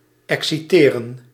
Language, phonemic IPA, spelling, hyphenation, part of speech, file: Dutch, /ˌɛksiˈteːrə(n)/, exciteren, ex‧ci‧te‧ren, verb, Nl-exciteren.ogg
- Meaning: to excite